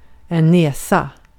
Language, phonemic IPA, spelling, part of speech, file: Swedish, /ˈnɛːsˌa/, näsa, noun, Sv-näsa.ogg
- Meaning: nose of a human or other primate (or anthropomorphized being, especially if having a human-like nose, but sometimes more generally) (compare nos)